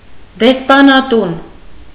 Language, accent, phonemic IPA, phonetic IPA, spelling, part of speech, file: Armenian, Eastern Armenian, /despɑnɑˈtun/, [despɑnɑtún], դեսպանատուն, noun, Hy-դեսպանատուն.ogg
- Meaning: embassy (organization representing a foreign state)